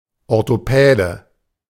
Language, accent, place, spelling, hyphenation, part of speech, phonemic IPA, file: German, Germany, Berlin, Orthopäde, Or‧tho‧pä‧de, noun, /ɔʁtoˈpɛːdə/, De-Orthopäde.ogg
- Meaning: orthopedist